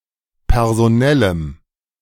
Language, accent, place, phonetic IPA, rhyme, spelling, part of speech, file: German, Germany, Berlin, [pɛʁzoˈnɛləm], -ɛləm, personellem, adjective, De-personellem.ogg
- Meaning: strong dative masculine/neuter singular of personell